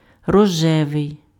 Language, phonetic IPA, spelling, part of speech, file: Ukrainian, [rɔˈʒɛʋei̯], рожевий, adjective, Uk-рожевий.ogg
- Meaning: pink